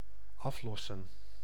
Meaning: 1. to relieve, to free from a position or post (e.g. by taking someone's place) 2. to redeem, to pay off 3. to fire, to shoot
- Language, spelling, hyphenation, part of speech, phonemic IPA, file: Dutch, aflossen, af‧los‧sen, verb, /ˈɑfˌlɔ.sə(n)/, Nl-aflossen.ogg